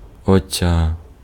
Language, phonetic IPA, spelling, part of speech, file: Ukrainian, [ɔˈt͡sʲa], оця, determiner, Uk-оця.ogg
- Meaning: nominative/vocative feminine singular of оце́й (océj)